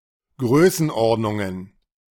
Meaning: plural of Größenordnung
- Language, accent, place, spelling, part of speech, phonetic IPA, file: German, Germany, Berlin, Größenordnungen, noun, [ˈɡʁøːsn̩ˌʔɔʁdnʊŋən], De-Größenordnungen.ogg